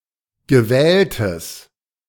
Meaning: strong/mixed nominative/accusative neuter singular of gewählt
- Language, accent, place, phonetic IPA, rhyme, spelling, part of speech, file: German, Germany, Berlin, [ɡəˈvɛːltəs], -ɛːltəs, gewähltes, adjective, De-gewähltes.ogg